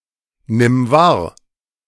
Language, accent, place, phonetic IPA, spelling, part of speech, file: German, Germany, Berlin, [ˌnɪm ˈvaːɐ̯], nimm wahr, verb, De-nimm wahr.ogg
- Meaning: singular imperative of wahrnehmen